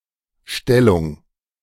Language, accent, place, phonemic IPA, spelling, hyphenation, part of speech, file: German, Germany, Berlin, /ˈʃtɛlʊŋ/, Stellung, Stel‧lung, noun, De-Stellung.ogg
- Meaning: 1. position, posture (specific way of holding or positioning the body) 2. position, posture (specific way of holding or positioning the body): sex position